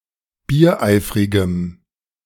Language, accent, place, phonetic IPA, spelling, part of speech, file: German, Germany, Berlin, [biːɐ̯ˈʔaɪ̯fʁɪɡəm], biereifrigem, adjective, De-biereifrigem.ogg
- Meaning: strong dative masculine/neuter singular of biereifrig